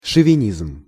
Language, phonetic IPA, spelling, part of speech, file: Russian, [ʂəvʲɪˈnʲizm], шовинизм, noun, Ru-шовинизм.ogg
- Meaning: chauvinism, jingoism (excessive patriotism)